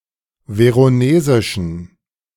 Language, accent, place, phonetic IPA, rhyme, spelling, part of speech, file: German, Germany, Berlin, [ˌveʁoˈneːzɪʃn̩], -eːzɪʃn̩, veronesischen, adjective, De-veronesischen.ogg
- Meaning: inflection of veronesisch: 1. strong genitive masculine/neuter singular 2. weak/mixed genitive/dative all-gender singular 3. strong/weak/mixed accusative masculine singular 4. strong dative plural